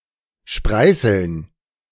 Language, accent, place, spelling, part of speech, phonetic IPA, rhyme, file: German, Germany, Berlin, Spreißeln, noun, [ˈʃpʁaɪ̯sl̩n], -aɪ̯sl̩n, De-Spreißeln.ogg
- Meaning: dative plural of Spreißel